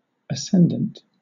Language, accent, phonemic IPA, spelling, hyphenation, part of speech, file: English, Southern England, /əˈsɛnd(ə)nt/, ascendant, ascend‧ant, adjective / noun, LL-Q1860 (eng)-ascendant.wav
- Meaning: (adjective) 1. Moving upward; ascending, rising 2. Controlling, dominant, surpassing 3. In an eastern direction rising just above the horizon 4. Rising towards the zenith